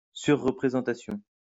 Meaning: overrepresentation
- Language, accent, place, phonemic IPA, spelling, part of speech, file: French, France, Lyon, /syʁ.ʁə.pʁe.zɑ̃.ta.sjɔ̃/, surreprésentation, noun, LL-Q150 (fra)-surreprésentation.wav